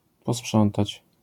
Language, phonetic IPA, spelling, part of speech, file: Polish, [pɔˈspʃɔ̃ntat͡ɕ], posprzątać, verb, LL-Q809 (pol)-posprzątać.wav